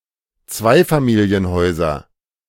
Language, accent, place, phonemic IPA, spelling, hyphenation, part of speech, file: German, Germany, Berlin, /ˈt͡svaɪ̯famiːli̯ənˌhɔɪ̯zɐ/, Zweifamilienhäuser, Zwei‧fa‧mi‧li‧en‧häu‧ser, noun, De-Zweifamilienhäuser.ogg
- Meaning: nominative/accusative/genitive plural of Zweifamilienhaus